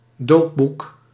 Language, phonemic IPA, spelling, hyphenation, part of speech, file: Dutch, /ˈdoː(p).buk/, doopboek, doop‧boek, noun, Nl-doopboek.ogg
- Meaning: a book containing a baptismal register